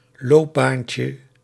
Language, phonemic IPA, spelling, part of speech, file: Dutch, /ˈlobancə/, loopbaantje, noun, Nl-loopbaantje.ogg
- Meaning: diminutive of loopbaan